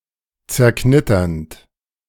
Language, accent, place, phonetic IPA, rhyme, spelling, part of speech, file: German, Germany, Berlin, [t͡sɛɐ̯ˈknɪtɐnt], -ɪtɐnt, zerknitternd, verb, De-zerknitternd.ogg
- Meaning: present participle of zerknittern